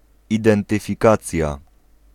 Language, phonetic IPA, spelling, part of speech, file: Polish, [ˌidɛ̃ntɨfʲiˈkat͡sʲja], identyfikacja, noun, Pl-identyfikacja.ogg